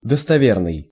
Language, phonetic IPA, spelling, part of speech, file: Russian, [dəstɐˈvʲernɨj], достоверный, adjective, Ru-достоверный.ogg
- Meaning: 1. authentic (of a document) 2. reliable, trustworthy